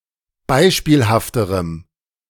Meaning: strong dative masculine/neuter singular comparative degree of beispielhaft
- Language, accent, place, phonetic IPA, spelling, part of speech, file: German, Germany, Berlin, [ˈbaɪ̯ʃpiːlhaftəʁəm], beispielhafterem, adjective, De-beispielhafterem.ogg